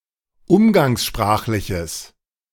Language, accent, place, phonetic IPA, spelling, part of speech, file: German, Germany, Berlin, [ˈʊmɡaŋsˌʃpʁaːxlɪçəs], umgangssprachliches, adjective, De-umgangssprachliches.ogg
- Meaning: strong/mixed nominative/accusative neuter singular of umgangssprachlich